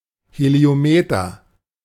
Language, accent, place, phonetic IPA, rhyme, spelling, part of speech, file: German, Germany, Berlin, [heli̯oˈmeːtɐ], -eːtɐ, Heliometer, noun, De-Heliometer.ogg
- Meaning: heliometer